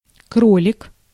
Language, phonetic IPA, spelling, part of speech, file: Russian, [ˈkrolʲɪk], кролик, noun, Ru-кролик.ogg
- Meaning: 1. rabbit (of unspecified gender) (long-eared mammal) 2. male rabbit 3. father of many children